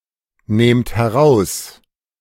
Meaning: inflection of herausnehmen: 1. second-person plural present 2. plural imperative
- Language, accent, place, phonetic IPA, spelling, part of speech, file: German, Germany, Berlin, [ˌneːmt hɛˈʁaʊ̯s], nehmt heraus, verb, De-nehmt heraus.ogg